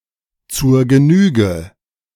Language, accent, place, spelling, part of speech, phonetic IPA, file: German, Germany, Berlin, zur Genüge, phrase, [t͡suːɐ̯ ɡəˈnyːɡə], De-zur Genüge.ogg
- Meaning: 1. enough, a sufficient amount 2. more than enough; more than one can bear; too long a time